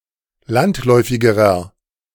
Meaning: inflection of landläufig: 1. strong/mixed nominative masculine singular comparative degree 2. strong genitive/dative feminine singular comparative degree 3. strong genitive plural comparative degree
- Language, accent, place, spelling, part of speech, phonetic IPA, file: German, Germany, Berlin, landläufigerer, adjective, [ˈlantˌlɔɪ̯fɪɡəʁɐ], De-landläufigerer.ogg